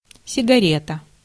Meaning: cigarette
- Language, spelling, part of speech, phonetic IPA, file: Russian, сигарета, noun, [sʲɪɡɐˈrʲetə], Ru-сигарета.ogg